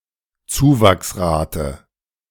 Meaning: 1. increment 2. rate of growth
- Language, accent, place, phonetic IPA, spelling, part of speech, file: German, Germany, Berlin, [ˈt͡suːvaksˌʁaːtə], Zuwachsrate, noun, De-Zuwachsrate.ogg